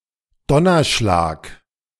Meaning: thunderclap, clap of thunder
- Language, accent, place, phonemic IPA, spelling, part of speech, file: German, Germany, Berlin, /ˈdɔnɐˌʃlaːk/, Donnerschlag, noun, De-Donnerschlag.ogg